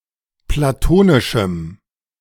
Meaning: strong dative masculine/neuter singular of platonisch
- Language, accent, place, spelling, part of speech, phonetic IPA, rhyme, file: German, Germany, Berlin, platonischem, adjective, [plaˈtoːnɪʃm̩], -oːnɪʃm̩, De-platonischem.ogg